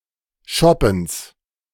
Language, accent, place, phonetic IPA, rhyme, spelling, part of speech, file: German, Germany, Berlin, [ˈʃɔpn̩s], -ɔpn̩s, Schoppens, noun, De-Schoppens.ogg
- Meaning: genitive singular of Schoppen